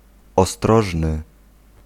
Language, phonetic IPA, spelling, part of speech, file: Polish, [ɔˈstrɔʒnɨ], ostrożny, adjective, Pl-ostrożny.ogg